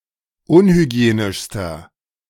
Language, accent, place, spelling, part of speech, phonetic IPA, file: German, Germany, Berlin, unhygienischster, adjective, [ˈʊnhyˌɡi̯eːnɪʃstɐ], De-unhygienischster.ogg
- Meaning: inflection of unhygienisch: 1. strong/mixed nominative masculine singular superlative degree 2. strong genitive/dative feminine singular superlative degree 3. strong genitive plural superlative degree